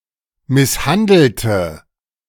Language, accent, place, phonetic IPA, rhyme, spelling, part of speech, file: German, Germany, Berlin, [ˌmɪsˈhandl̩tə], -andl̩tə, misshandelte, adjective / verb, De-misshandelte.ogg
- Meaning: inflection of misshandeln: 1. first/third-person singular preterite 2. first/third-person singular subjunctive II